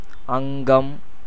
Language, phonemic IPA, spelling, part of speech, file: Tamil, /ɐŋɡɐm/, அங்கம், noun, Ta-அங்கம்.ogg
- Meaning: 1. limb, member, organ, as of the body 2. body 3. part 4. accessory or subsidiary part, dependent member serving to help the principal one